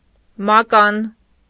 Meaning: 1. staff, stick, baton 2. sceptre 3. hockey stick
- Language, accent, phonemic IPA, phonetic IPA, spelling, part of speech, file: Armenian, Eastern Armenian, /mɑˈkɑn/, [mɑkɑ́n], մական, noun, Hy-մական.ogg